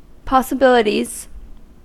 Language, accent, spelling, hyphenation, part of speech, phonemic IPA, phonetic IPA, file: English, US, possibilities, pos‧si‧bil‧i‧ties, noun, /ˌpɑ.səˈbɪl.ə.tiz/, [ˌpɑ.səˈbɪl.ə.ɾiz], En-us-possibilities.ogg
- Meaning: plural of possibility